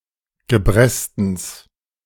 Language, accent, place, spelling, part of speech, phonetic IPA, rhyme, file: German, Germany, Berlin, Gebrestens, noun, [ɡəˈbʁɛstn̩s], -ɛstn̩s, De-Gebrestens.ogg
- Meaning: genitive singular of Gebresten